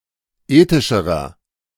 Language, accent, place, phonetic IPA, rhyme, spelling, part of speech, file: German, Germany, Berlin, [ˈeːtɪʃəʁɐ], -eːtɪʃəʁɐ, ethischerer, adjective, De-ethischerer.ogg
- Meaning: inflection of ethisch: 1. strong/mixed nominative masculine singular comparative degree 2. strong genitive/dative feminine singular comparative degree 3. strong genitive plural comparative degree